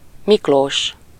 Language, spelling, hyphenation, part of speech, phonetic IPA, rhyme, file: Hungarian, Miklós, Mik‧lós, proper noun, [ˈmikloːʃ], -oːʃ, Hu-Miklós.ogg
- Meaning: a male given name, equivalent to English Nicholas